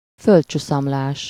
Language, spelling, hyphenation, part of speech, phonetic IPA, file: Hungarian, földcsuszamlás, föld‧csu‧szam‧lás, noun, [ˈføltt͡ʃusɒmlaːʃ], Hu-földcsuszamlás.ogg
- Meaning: landslide (natural disaster)